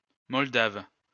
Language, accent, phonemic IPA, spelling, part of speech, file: French, France, /mɔl.dav/, moldave, adjective / noun, LL-Q150 (fra)-moldave.wav
- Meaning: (adjective) Moldavian; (noun) Moldavian (language)